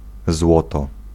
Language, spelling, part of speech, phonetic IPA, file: Polish, złoto, noun / adverb, [ˈzwɔtɔ], Pl-złoto.ogg